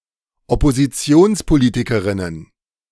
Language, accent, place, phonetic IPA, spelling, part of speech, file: German, Germany, Berlin, [ɔpoziˈt͡si̯oːnspoˌliːtɪkəʁɪnən], Oppositionspolitikerinnen, noun, De-Oppositionspolitikerinnen.ogg
- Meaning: plural of Oppositionspolitikerin